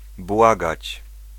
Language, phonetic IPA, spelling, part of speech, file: Polish, [ˈbwaɡat͡ɕ], błagać, verb, Pl-błagać.ogg